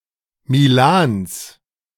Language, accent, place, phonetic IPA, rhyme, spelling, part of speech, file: German, Germany, Berlin, [miˈlaːns], -aːns, Milans, noun, De-Milans.ogg
- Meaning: genitive singular of Milan